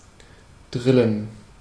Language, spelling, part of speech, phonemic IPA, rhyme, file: German, drillen, verb, /ˈdʁɪlən/, -ɪlən, De-drillen.ogg
- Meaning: 1. to twist (a rope) 2. to drill 3. to bore